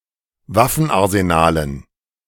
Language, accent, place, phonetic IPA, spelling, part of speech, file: German, Germany, Berlin, [ˈvafn̩ʔaʁzeˌnaːlən], Waffenarsenalen, noun, De-Waffenarsenalen.ogg
- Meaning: dative plural of Waffenarsenal